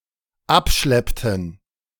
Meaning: inflection of abschleppen: 1. first/third-person plural dependent preterite 2. first/third-person plural dependent subjunctive II
- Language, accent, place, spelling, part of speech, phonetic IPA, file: German, Germany, Berlin, abschleppten, verb, [ˈapˌʃlɛptn̩], De-abschleppten.ogg